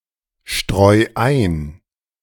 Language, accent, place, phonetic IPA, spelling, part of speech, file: German, Germany, Berlin, [ˌʃtʁɔɪ̯ ˈaɪ̯n], streu ein, verb, De-streu ein.ogg
- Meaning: 1. singular imperative of einstreuen 2. first-person singular present of einstreuen